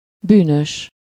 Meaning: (adjective) 1. criminal, guilty, culpable (for something: -ban/-ben) 2. sinful 3. guilty, at fault, responsible 4. evil, wicked, sinful; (noun) criminal
- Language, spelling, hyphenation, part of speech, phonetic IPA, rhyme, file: Hungarian, bűnös, bű‧nös, adjective / noun, [ˈbyːnøʃ], -øʃ, Hu-bűnös.ogg